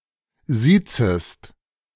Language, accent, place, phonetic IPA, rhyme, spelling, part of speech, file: German, Germany, Berlin, [ˈziːt͡səst], -iːt͡səst, siezest, verb, De-siezest.ogg
- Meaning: second-person singular subjunctive I of siezen